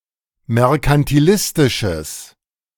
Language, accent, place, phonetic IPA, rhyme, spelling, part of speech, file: German, Germany, Berlin, [mɛʁkantiˈlɪstɪʃəs], -ɪstɪʃəs, merkantilistisches, adjective, De-merkantilistisches.ogg
- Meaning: strong/mixed nominative/accusative neuter singular of merkantilistisch